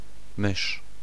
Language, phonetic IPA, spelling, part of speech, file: Polish, [mɨʃ], mysz, noun, Pl-mysz.ogg